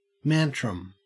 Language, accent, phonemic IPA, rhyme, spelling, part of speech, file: English, Australia, /ˈmæn.tɹəm/, -æntɹəm, mantrum, noun, En-au-mantrum.ogg
- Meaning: An emotional outburst by an adult man